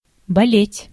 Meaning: 1. to be sick, to be ill, to be ailing 2. to be anxious, to be apprehensive 3. to cheer, to root for 4. to hurt, to ache
- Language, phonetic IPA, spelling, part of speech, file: Russian, [bɐˈlʲetʲ], болеть, verb, Ru-болеть.ogg